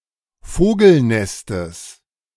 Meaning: genitive singular of Vogelnest
- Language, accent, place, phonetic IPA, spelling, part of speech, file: German, Germany, Berlin, [ˈfoːɡl̩ˌnɛstəs], Vogelnestes, noun, De-Vogelnestes.ogg